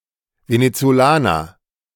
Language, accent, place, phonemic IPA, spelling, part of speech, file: German, Germany, Berlin, /venet͡soˈlaːnɐ/, Venezolaner, noun, De-Venezolaner.ogg
- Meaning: Venezuelan (male or of unspecified gender)